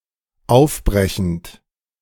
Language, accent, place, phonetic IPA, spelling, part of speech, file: German, Germany, Berlin, [ˈaʊ̯fˌbʁɛçn̩t], aufbrechend, verb, De-aufbrechend.ogg
- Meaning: present participle of aufbrechen